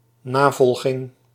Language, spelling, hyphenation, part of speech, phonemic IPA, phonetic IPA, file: Dutch, navolging, na‧vol‧ging, noun, /ˈnaːvɔlɣɪŋ/, [ˈnaːvɔlxɪŋ], Nl-navolging.ogg
- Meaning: imitation